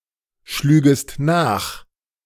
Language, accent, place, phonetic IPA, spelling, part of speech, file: German, Germany, Berlin, [ˌʃlyːɡəst ˈnaːx], schlügest nach, verb, De-schlügest nach.ogg
- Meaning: second-person singular subjunctive II of nachschlagen